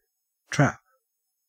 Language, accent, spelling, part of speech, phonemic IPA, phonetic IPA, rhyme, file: English, Australia, trap, noun / verb, /tɹæp/, [t̠ɹ̠̊˔æp], -æp, En-au-trap.ogg
- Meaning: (noun) A machine or other device designed to catch (and sometimes kill) animals, either by holding them in a container, or by catching hold of part of the body